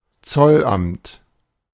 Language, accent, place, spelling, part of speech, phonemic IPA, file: German, Germany, Berlin, Zollamt, noun, /ˈt͡sɔlˌʔamt/, De-Zollamt.ogg
- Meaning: customs office